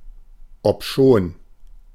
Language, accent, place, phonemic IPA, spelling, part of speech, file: German, Germany, Berlin, /ɔpˈʃoːn/, obschon, conjunction, De-obschon.ogg
- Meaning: albeit (despite its being; although)